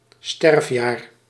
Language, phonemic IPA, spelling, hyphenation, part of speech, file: Dutch, /ˈstɛrf.jaːr/, sterfjaar, sterf‧jaar, noun, Nl-sterfjaar.ogg
- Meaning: year of a person's death